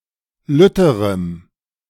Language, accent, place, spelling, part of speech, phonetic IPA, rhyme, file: German, Germany, Berlin, lütterem, adjective, [ˈlʏtəʁəm], -ʏtəʁəm, De-lütterem.ogg
- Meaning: strong dative masculine/neuter singular comparative degree of lütt